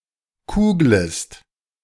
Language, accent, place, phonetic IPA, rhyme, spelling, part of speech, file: German, Germany, Berlin, [ˈkuːɡləst], -uːɡləst, kuglest, verb, De-kuglest.ogg
- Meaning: second-person singular subjunctive I of kugeln